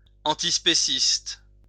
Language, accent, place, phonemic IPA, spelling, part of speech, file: French, France, Lyon, /ɑ̃.tis.pe.sist/, antispéciste, adjective, LL-Q150 (fra)-antispéciste.wav
- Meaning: antispeciesist